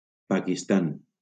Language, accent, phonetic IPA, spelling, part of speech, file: Catalan, Valencia, [pa.kisˈtan], Pakistan, proper noun, LL-Q7026 (cat)-Pakistan.wav
- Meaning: Pakistan (a country in South Asia)